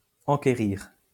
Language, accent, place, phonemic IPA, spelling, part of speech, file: French, France, Lyon, /ɑ̃.ke.ʁiʁ/, enquérir, verb, LL-Q150 (fra)-enquérir.wav
- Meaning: to inquire (about = de)